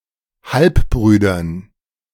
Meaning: dative plural of Halbbruder
- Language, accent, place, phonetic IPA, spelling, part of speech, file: German, Germany, Berlin, [ˈhalpˌbʁyːdɐn], Halbbrüdern, noun, De-Halbbrüdern.ogg